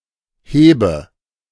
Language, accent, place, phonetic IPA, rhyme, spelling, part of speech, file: German, Germany, Berlin, [ˈheːbə], -eːbə, hebe, verb, De-hebe.ogg
- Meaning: first-person singular present of heben